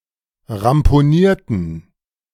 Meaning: inflection of ramponieren: 1. first/third-person plural preterite 2. first/third-person plural subjunctive II
- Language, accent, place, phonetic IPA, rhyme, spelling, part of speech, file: German, Germany, Berlin, [ʁampoˈniːɐ̯tn̩], -iːɐ̯tn̩, ramponierten, adjective / verb, De-ramponierten.ogg